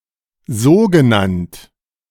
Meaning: so-called
- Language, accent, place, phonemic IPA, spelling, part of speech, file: German, Germany, Berlin, /ˈzoːɡəˌnant/, sogenannt, adjective, De-sogenannt.ogg